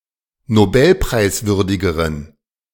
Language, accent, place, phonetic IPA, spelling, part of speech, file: German, Germany, Berlin, [noˈbɛlpʁaɪ̯sˌvʏʁdɪɡəʁən], nobelpreiswürdigeren, adjective, De-nobelpreiswürdigeren.ogg
- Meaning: inflection of nobelpreiswürdig: 1. strong genitive masculine/neuter singular comparative degree 2. weak/mixed genitive/dative all-gender singular comparative degree